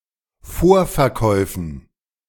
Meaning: dative plural of Vorverkauf
- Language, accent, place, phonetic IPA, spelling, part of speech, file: German, Germany, Berlin, [ˈfoːɐ̯fɛɐ̯ˌkɔɪ̯fn̩], Vorverkäufen, noun, De-Vorverkäufen.ogg